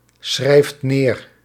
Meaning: inflection of neerschrijven: 1. second/third-person singular present indicative 2. plural imperative
- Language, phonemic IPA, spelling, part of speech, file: Dutch, /ˈsxrɛift ˈner/, schrijft neer, verb, Nl-schrijft neer.ogg